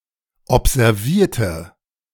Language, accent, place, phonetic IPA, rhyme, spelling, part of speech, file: German, Germany, Berlin, [ɔpzɛʁˈviːɐ̯tə], -iːɐ̯tə, observierte, adjective / verb, De-observierte.ogg
- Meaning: inflection of observieren: 1. first/third-person singular preterite 2. first/third-person singular subjunctive II